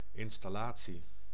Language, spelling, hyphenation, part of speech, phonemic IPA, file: Dutch, installatie, in‧stal‧la‧tie, noun, /ɪn.stɑˈlaː.(t)si/, Nl-installatie.ogg
- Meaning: 1. installation 2. something that's installed, such as machinery